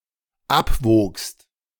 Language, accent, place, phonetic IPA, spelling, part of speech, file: German, Germany, Berlin, [ˈapˌvoːkst], abwogst, verb, De-abwogst.ogg
- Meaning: second-person singular dependent preterite of abwiegen